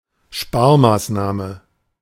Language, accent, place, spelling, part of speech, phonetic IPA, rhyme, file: German, Germany, Berlin, Sparmaßnahme, noun, [ˈʃpaːɐ̯maːsˌnaːmə], -aːɐ̯maːsnaːmə, De-Sparmaßnahme.ogg
- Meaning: austerity measure